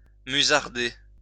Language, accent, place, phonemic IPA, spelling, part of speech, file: French, France, Lyon, /my.zaʁ.de/, musarder, verb, LL-Q150 (fra)-musarder.wav
- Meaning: to dawdle